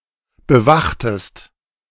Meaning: inflection of bewachen: 1. second-person singular preterite 2. second-person singular subjunctive II
- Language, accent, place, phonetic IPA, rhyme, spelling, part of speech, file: German, Germany, Berlin, [bəˈvaxtəst], -axtəst, bewachtest, verb, De-bewachtest.ogg